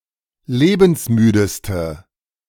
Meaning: inflection of lebensmüde: 1. strong/mixed nominative/accusative feminine singular superlative degree 2. strong nominative/accusative plural superlative degree
- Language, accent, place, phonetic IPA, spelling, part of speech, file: German, Germany, Berlin, [ˈleːbn̩sˌmyːdəstə], lebensmüdeste, adjective, De-lebensmüdeste.ogg